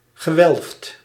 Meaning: past participle of welven
- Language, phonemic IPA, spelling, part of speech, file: Dutch, /ɣəˈwɛlᵊft/, gewelfd, verb / adjective, Nl-gewelfd.ogg